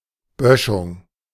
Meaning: 1. embankment (incline in the terrain, often fortified and running in parallel to a path, road or river) 2. vegetation, scrubs, bushes along a road
- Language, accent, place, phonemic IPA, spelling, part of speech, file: German, Germany, Berlin, /ˈbœʃʊŋ/, Böschung, noun, De-Böschung.ogg